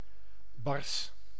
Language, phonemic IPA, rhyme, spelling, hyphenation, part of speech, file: Dutch, /bɑrs/, -ɑrs, bars, bars, adjective / noun, Nl-bars.ogg
- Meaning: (adjective) stern, strict; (noun) plural of bar